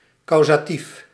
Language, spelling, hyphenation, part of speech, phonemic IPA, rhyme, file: Dutch, causatief, cau‧sa‧tief, noun / adjective, /ˌkɑu̯.zaːˈtif/, -if, Nl-causatief.ogg
- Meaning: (noun) causative